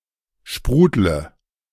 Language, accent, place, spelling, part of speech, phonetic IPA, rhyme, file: German, Germany, Berlin, sprudle, verb, [ˈʃpʁuːdlə], -uːdlə, De-sprudle.ogg
- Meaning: inflection of sprudeln: 1. first-person singular present 2. first/third-person singular subjunctive I 3. singular imperative